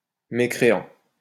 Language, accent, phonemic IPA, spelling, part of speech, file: French, France, /me.kʁe.ɑ̃/, mécréant, adjective / noun, LL-Q150 (fra)-mécréant.wav
- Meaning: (adjective) 1. atheistic 2. infidel; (noun) unbeliever, non-believer